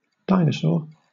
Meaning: Those animals of the clade Dinosauria that existed during the Triassic, Jurassic and Cretaceous periods and are now extinct
- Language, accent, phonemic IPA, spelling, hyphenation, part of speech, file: English, Southern England, /ˈdaɪnəsɔː(ɹ)/, dinosaur, di‧no‧saur, noun, LL-Q1860 (eng)-dinosaur.wav